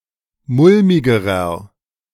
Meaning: inflection of mulmig: 1. strong/mixed nominative masculine singular comparative degree 2. strong genitive/dative feminine singular comparative degree 3. strong genitive plural comparative degree
- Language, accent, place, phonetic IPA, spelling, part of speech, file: German, Germany, Berlin, [ˈmʊlmɪɡəʁɐ], mulmigerer, adjective, De-mulmigerer.ogg